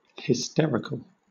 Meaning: 1. Of, or arising from hysteria 2. Having, or prone to having hysterics 3. Provoking uncontrollable laughter
- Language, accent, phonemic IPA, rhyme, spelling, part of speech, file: English, Southern England, /hɪˈstɛɹɪkəl/, -ɛɹɪkəl, hysterical, adjective, LL-Q1860 (eng)-hysterical.wav